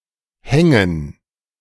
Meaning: 1. gerund of hängen 2. dative plural of Hang
- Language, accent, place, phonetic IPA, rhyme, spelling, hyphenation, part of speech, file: German, Germany, Berlin, [ˈhɛŋən], -ɛŋən, Hängen, Hän‧gen, noun, De-Hängen.ogg